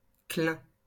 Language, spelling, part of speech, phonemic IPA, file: French, clin, noun, /klɛ̃/, LL-Q150 (fra)-clin.wav
- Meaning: 1. Found only in the expression clin d’œil (“wink, instant”) 2. lapstrake, clinker